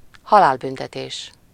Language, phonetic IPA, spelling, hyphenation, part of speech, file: Hungarian, [ˈhɒlaːlbyntɛteːʃ], halálbüntetés, ha‧lál‧bün‧te‧tés, noun, Hu-halálbüntetés.ogg
- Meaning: capital punishment